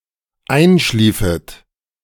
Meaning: second-person plural dependent subjunctive II of einschlafen
- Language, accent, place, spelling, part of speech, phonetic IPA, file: German, Germany, Berlin, einschliefet, verb, [ˈaɪ̯nˌʃliːfət], De-einschliefet.ogg